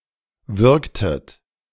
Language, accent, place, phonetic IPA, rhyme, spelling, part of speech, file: German, Germany, Berlin, [ˈvʏʁktət], -ʏʁktət, würgtet, verb, De-würgtet.ogg
- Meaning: inflection of würgen: 1. second-person plural preterite 2. second-person plural subjunctive II